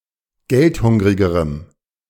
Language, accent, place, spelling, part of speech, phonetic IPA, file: German, Germany, Berlin, geldhungrigerem, adjective, [ˈɡɛltˌhʊŋʁɪɡəʁəm], De-geldhungrigerem.ogg
- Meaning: strong dative masculine/neuter singular comparative degree of geldhungrig